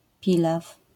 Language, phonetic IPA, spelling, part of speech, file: Polish, [ˈpʲilaf], pilaw, noun, LL-Q809 (pol)-pilaw.wav